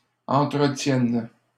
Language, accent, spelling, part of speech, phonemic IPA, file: French, Canada, entretiennes, verb, /ɑ̃.tʁə.tjɛn/, LL-Q150 (fra)-entretiennes.wav
- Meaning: second-person singular present subjunctive of entretenir